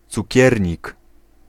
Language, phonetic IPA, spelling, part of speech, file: Polish, [t͡suˈcɛrʲɲik], cukiernik, noun, Pl-cukiernik.ogg